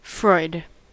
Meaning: 1. A surname from German 2. Sigmund Freud, Austrian neurologist, psychotherapist, and founder of psychoanalysis
- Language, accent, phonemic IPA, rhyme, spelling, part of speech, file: English, US, /fɹɔɪd/, -ɔɪd, Freud, proper noun, En-us-Freud.ogg